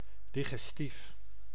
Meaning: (adjective) digestive, pertaining to digestion; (noun) digestive (substance aiding digestion)
- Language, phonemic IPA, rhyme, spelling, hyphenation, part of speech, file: Dutch, /ˌdi.ɣɛsˈtif/, -if, digestief, di‧ges‧tief, adjective / noun, Nl-digestief.ogg